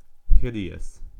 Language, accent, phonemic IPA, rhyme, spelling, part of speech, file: English, US, /ˈhɪd.i.əs/, -ɪdiəs, hideous, adjective, En-us-hideous.ogg
- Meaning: 1. Extremely or shockingly ugly 2. Having a very unpleasant or frightening sound 3. Hateful; shocking 4. Morally offensive; shocking; detestable